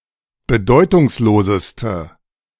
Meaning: inflection of bedeutungslos: 1. strong/mixed nominative/accusative feminine singular superlative degree 2. strong nominative/accusative plural superlative degree
- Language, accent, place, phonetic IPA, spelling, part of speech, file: German, Germany, Berlin, [bəˈdɔɪ̯tʊŋsˌloːzəstə], bedeutungsloseste, adjective, De-bedeutungsloseste.ogg